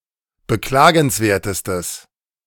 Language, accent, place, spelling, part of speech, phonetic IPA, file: German, Germany, Berlin, beklagenswertestes, adjective, [bəˈklaːɡn̩sˌveːɐ̯təstəs], De-beklagenswertestes.ogg
- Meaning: strong/mixed nominative/accusative neuter singular superlative degree of beklagenswert